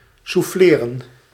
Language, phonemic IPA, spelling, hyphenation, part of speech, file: Dutch, /ˌsuˈfleː.rə(n)/, souffleren, souf‧fle‧ren, verb, Nl-souffleren.ogg
- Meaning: to prompt